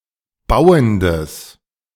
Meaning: strong/mixed nominative/accusative neuter singular of bauend
- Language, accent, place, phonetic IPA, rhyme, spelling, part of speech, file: German, Germany, Berlin, [ˈbaʊ̯əndəs], -aʊ̯əndəs, bauendes, adjective, De-bauendes.ogg